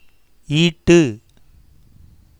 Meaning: 1. to acquire, obtain 2. to earn, collect, amass, hoard, accumulate
- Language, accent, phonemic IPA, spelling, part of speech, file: Tamil, India, /iːʈːɯ/, ஈட்டு, verb, Ta-ஈட்டு.oga